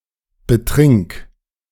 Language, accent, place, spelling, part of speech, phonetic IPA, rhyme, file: German, Germany, Berlin, betrink, verb, [bəˈtʁɪŋk], -ɪŋk, De-betrink.ogg
- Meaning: singular imperative of betrinken